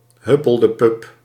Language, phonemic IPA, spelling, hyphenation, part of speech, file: Dutch, /ˈɦʏ.pəl.dəˌpʏp/, huppeldepup, hup‧pel‧de‧pup, noun, Nl-huppeldepup.ogg
- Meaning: 1. thingamajig, whatchamacallit 2. whatshisname, whatshername